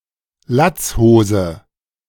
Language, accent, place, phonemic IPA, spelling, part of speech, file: German, Germany, Berlin, /ˈlatsˌhoːzə/, Latzhose, noun, De-Latzhose.ogg
- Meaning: overalls (loose fitting pants with cross-straps and bib)